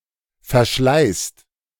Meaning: inflection of verschleißen: 1. second-person plural present 2. plural imperative
- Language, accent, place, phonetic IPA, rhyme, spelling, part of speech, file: German, Germany, Berlin, [fɛɐ̯ˈʃlaɪ̯st], -aɪ̯st, verschleißt, verb, De-verschleißt.ogg